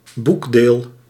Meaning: volume, book (single book of a multi-book publication)
- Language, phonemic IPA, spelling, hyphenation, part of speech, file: Dutch, /ˈbuk.deːl/, boekdeel, boek‧deel, noun, Nl-boekdeel.ogg